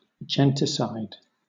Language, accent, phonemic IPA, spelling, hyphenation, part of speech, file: English, Southern England, /ˈd͡ʒɛntɪsaɪd/, genticide, gen‧ti‧cide, noun, LL-Q1860 (eng)-genticide.wav
- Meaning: 1. The killing of a race or nation of people; the slaughter of an ethnic group; a genocide 2. The killing of a kinsman or kinswoman; the murder of a blood relative